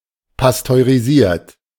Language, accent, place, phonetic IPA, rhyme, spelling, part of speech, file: German, Germany, Berlin, [pastøʁiˈziːɐ̯t], -iːɐ̯t, pasteurisiert, verb, De-pasteurisiert.ogg
- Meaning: 1. past participle of pasteurisieren 2. inflection of pasteurisieren: third-person singular present 3. inflection of pasteurisieren: second-person plural present